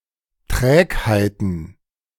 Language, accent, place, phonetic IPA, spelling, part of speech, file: German, Germany, Berlin, [ˈtʁɛːkhaɪ̯tn̩], Trägheiten, noun, De-Trägheiten.ogg
- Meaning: plural of Trägheit